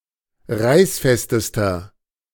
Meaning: inflection of reißfest: 1. strong/mixed nominative masculine singular superlative degree 2. strong genitive/dative feminine singular superlative degree 3. strong genitive plural superlative degree
- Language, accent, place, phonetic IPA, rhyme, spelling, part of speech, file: German, Germany, Berlin, [ˈʁaɪ̯sˌfɛstəstɐ], -aɪ̯sfɛstəstɐ, reißfestester, adjective, De-reißfestester.ogg